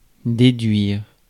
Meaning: 1. to deduce; to work out 2. to deduct
- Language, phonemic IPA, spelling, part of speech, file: French, /de.dɥiʁ/, déduire, verb, Fr-déduire.ogg